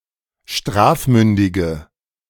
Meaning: inflection of strafmündig: 1. strong/mixed nominative/accusative feminine singular 2. strong nominative/accusative plural 3. weak nominative all-gender singular
- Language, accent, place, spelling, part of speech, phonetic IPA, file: German, Germany, Berlin, strafmündige, adjective, [ˈʃtʁaːfˌmʏndɪɡə], De-strafmündige.ogg